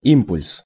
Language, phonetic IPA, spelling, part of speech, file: Russian, [ˈimpʊlʲs], импульс, noun, Ru-импульс.ogg
- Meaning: 1. urge, sudden desire 2. stimulus, impetus 3. action potential, spike train 4. momentum 5. impulse (of force), the integral of force over time 6. wave packet 7. pulse, surge, short electric signal